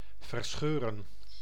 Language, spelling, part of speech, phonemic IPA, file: Dutch, verscheuren, verb, /vərˈsxørə(n)/, Nl-verscheuren.ogg
- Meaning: to tear apart